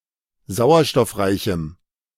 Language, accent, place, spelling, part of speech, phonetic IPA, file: German, Germany, Berlin, sauerstoffreichem, adjective, [ˈzaʊ̯ɐʃtɔfˌʁaɪ̯çm̩], De-sauerstoffreichem.ogg
- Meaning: strong dative masculine/neuter singular of sauerstoffreich